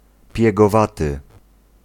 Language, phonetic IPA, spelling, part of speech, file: Polish, [ˌpʲjɛɡɔˈvatɨ], piegowaty, adjective / noun, Pl-piegowaty.ogg